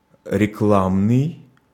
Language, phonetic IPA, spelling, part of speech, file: Russian, [rʲɪˈkɫamnɨj], рекламный, adjective, Ru-рекламный.ogg
- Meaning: advertising, publicity; promotional